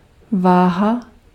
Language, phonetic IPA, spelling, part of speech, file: Czech, [ˈvaːɦa], váha, noun, Cs-váha.ogg
- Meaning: 1. weight 2. scale, scales, weighing scale